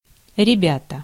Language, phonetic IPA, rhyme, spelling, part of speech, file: Russian, [rʲɪˈbʲatə], -atə, ребята, noun, Ru-ребята.ogg
- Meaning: 1. young men, boys, friends, comrades 2. nominative plural of ребёнок (rebjónok): children, kids, babies